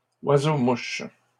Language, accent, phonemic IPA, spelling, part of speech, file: French, Canada, /wa.zo.muʃ/, oiseaux-mouches, noun, LL-Q150 (fra)-oiseaux-mouches.wav
- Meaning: plural of oiseau-mouche